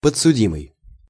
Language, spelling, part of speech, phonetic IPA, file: Russian, подсудимый, noun, [pət͡ssʊˈdʲimɨj], Ru-подсудимый.ogg
- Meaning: the accused, defendant, prisoner at the bar